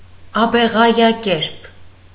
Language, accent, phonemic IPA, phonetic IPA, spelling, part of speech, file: Armenian, Eastern Armenian, /ɑbeʁɑjɑˈkeɾp/, [ɑbeʁɑjɑkéɾp], աբեղայակերպ, adjective / adverb, Hy-աբեղայակերպ.ogg
- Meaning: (adjective) like an abegha; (adverb) in the manner of an abegha